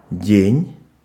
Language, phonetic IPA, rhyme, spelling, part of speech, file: Russian, [dʲenʲ], -enʲ, день, noun / verb, Ru-день.ogg
- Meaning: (noun) 1. day, daytime 2. afternoon, early evening; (verb) second-person singular imperative perfective of деть (detʹ)